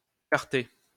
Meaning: quarter (old measure of corn)
- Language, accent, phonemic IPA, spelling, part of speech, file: French, France, /kaʁ.te/, quarter, noun, LL-Q150 (fra)-quarter.wav